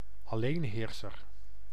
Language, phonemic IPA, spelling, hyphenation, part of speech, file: Dutch, /ɑˈleːnˌɦeːr.sər/, alleenheerser, al‧leen‧heer‧ser, noun, Nl-alleenheerser.ogg
- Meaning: an autocrat